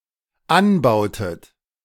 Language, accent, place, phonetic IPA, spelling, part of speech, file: German, Germany, Berlin, [ˈanˌbaʊ̯tət], anbautet, verb, De-anbautet.ogg
- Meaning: inflection of anbauen: 1. second-person plural dependent preterite 2. second-person plural dependent subjunctive II